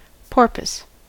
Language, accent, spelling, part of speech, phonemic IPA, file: English, US, porpoise, noun / verb, /ˈpɔːɹpəs/, En-us-porpoise.ogg
- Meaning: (noun) 1. A small cetacean of the family Phocoenidae, related to dolphins and whales 2. Any small dolphin